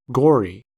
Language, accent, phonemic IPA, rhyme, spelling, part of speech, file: English, US, /ˈɡɔɹ.i/, -ɔːɹi, gory, adjective, En-us-gory.ogg
- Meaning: 1. Covered with blood; very bloody 2. Scandalous, and often unpleasant 3. Excessively detailed, often boringly so 4. Bloody; pesky